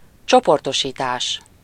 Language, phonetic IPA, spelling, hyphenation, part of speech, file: Hungarian, [ˈt͡ʃoportoʃiːtaːʃ], csoportosítás, cso‧por‧to‧sí‧tás, noun, Hu-csoportosítás.ogg
- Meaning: 1. verbal noun of csoportosít: grouping, classification (the action) 2. grouping, classification (the result)